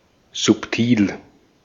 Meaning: subtle
- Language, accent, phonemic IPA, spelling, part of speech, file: German, Austria, /zʊpˈtiːl/, subtil, adjective, De-at-subtil.ogg